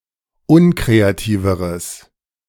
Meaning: strong/mixed nominative/accusative neuter singular comparative degree of unkreativ
- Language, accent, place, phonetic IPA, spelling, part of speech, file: German, Germany, Berlin, [ˈʊnkʁeaˌtiːvəʁəs], unkreativeres, adjective, De-unkreativeres.ogg